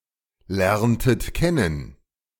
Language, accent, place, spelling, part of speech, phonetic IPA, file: German, Germany, Berlin, lerntet kennen, verb, [ˌlɛʁntət ˈkɛnən], De-lerntet kennen.ogg
- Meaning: inflection of kennen lernen: 1. second-person plural preterite 2. second-person plural subjunctive II